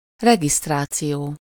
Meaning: registration
- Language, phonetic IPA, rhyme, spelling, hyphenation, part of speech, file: Hungarian, [ˈrɛɡistraːt͡sijoː], -joː, regisztráció, re‧giszt‧rá‧ció, noun, Hu-regisztráció.ogg